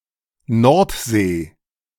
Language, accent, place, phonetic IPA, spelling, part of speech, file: German, Germany, Berlin, [ˈnɔʁtˌz̥eː], Nordsee, proper noun, De-Nordsee.ogg
- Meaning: North Sea